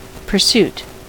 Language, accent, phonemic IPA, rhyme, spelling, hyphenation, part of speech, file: English, US, /pɝˈsut/, -uːt, pursuit, pur‧suit, noun, En-us-pursuit.ogg
- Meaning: 1. The act of pursuing 2. A hobby or recreational activity, done regularly